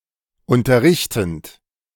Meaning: present participle of unterrichten
- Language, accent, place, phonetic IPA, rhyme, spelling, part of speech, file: German, Germany, Berlin, [ˌʊntɐˈʁɪçtn̩t], -ɪçtn̩t, unterrichtend, verb, De-unterrichtend.ogg